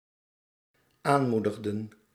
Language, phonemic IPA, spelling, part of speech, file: Dutch, /ˈanmudəɣdə(n)/, aanmoedigden, verb, Nl-aanmoedigden.ogg
- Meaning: inflection of aanmoedigen: 1. plural dependent-clause past indicative 2. plural dependent-clause past subjunctive